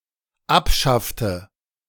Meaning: inflection of abschaffen: 1. first/third-person singular dependent preterite 2. first/third-person singular dependent subjunctive II
- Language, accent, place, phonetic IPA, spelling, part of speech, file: German, Germany, Berlin, [ˈapˌʃaftə], abschaffte, verb, De-abschaffte.ogg